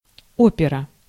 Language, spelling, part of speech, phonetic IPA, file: Russian, опера, noun, [ˈopʲɪrə], Ru-опера.ogg
- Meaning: 1. opera 2. opera house 3. category, vein (in the following constructions)